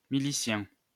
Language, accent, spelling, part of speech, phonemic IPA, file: French, France, milicien, noun, /mi.li.sjɛ̃/, LL-Q150 (fra)-milicien.wav
- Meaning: militiaman, especially one associated with the Vichy Milice française